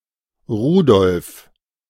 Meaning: a male given name from Middle High German, equivalent to English Rudolph
- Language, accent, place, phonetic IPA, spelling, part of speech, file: German, Germany, Berlin, [ˈʁuːdɔlf], Rudolf, proper noun, De-Rudolf.ogg